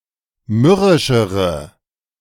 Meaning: inflection of mürrisch: 1. strong/mixed nominative/accusative feminine singular comparative degree 2. strong nominative/accusative plural comparative degree
- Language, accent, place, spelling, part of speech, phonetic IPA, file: German, Germany, Berlin, mürrischere, adjective, [ˈmʏʁɪʃəʁə], De-mürrischere.ogg